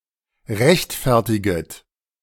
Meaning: second-person plural subjunctive I of rechtfertigen
- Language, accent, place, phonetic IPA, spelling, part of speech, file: German, Germany, Berlin, [ˈʁɛçtˌfɛʁtɪɡət], rechtfertiget, verb, De-rechtfertiget.ogg